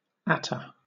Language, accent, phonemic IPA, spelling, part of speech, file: English, Southern England, /ˈæt.ə/, attar, noun, LL-Q1860 (eng)-attar.wav
- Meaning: 1. An essential oil extracted from flowers 2. A perfume made from this oil